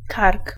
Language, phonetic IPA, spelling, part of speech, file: Polish, [kark], kark, noun, Pl-kark.ogg